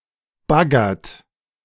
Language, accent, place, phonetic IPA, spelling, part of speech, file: German, Germany, Berlin, [ˈbaɡɐt], baggert, verb, De-baggert.ogg
- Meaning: inflection of baggern: 1. second-person plural present 2. third-person singular present 3. plural imperative